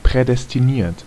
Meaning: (verb) past participle of prädestinieren; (adjective) predestined
- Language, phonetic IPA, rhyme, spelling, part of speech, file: German, [ˌpʁɛdɛstiˈniːɐ̯t], -iːɐ̯t, prädestiniert, adjective / verb, De-prädestiniert.ogg